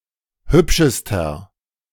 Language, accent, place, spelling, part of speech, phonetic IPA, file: German, Germany, Berlin, hübschester, adjective, [ˈhʏpʃəstɐ], De-hübschester.ogg
- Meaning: inflection of hübsch: 1. strong/mixed nominative masculine singular superlative degree 2. strong genitive/dative feminine singular superlative degree 3. strong genitive plural superlative degree